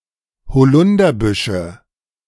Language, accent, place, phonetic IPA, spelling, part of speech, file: German, Germany, Berlin, [hoˈlʊndɐˌbʏʃə], Holunderbüsche, noun, De-Holunderbüsche.ogg
- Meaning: nominative/accusative/genitive plural of Holunderbusch